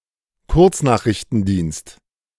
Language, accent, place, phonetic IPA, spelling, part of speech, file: German, Germany, Berlin, [ˈkʊʁt͡sˌnaːxʁɪçtn̩ˌdiːnst], Kurznachrichtendienst, noun, De-Kurznachrichtendienst.ogg
- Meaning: short message service